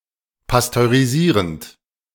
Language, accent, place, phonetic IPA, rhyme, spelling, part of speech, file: German, Germany, Berlin, [pastøʁiˈziːʁənt], -iːʁənt, pasteurisierend, verb, De-pasteurisierend.ogg
- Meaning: present participle of pasteurisieren